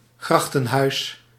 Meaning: a house located beside an urban canal, a canalside residential building
- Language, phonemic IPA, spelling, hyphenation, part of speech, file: Dutch, /ˈɣrɑx.tə(n)ˌɦœy̯s/, grachtenhuis, grach‧ten‧huis, noun, Nl-grachtenhuis.ogg